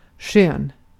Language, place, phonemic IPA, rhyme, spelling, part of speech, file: Swedish, Gotland, /ɧøːn/, -øːn, skön, adjective / noun, Sv-skön.ogg
- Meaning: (adjective) 1. fair, beautiful 2. comfortable, pleasurable 3. easy-going, cool, funny (charming, usually in a laid-back way); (noun) liking, preference, arbitration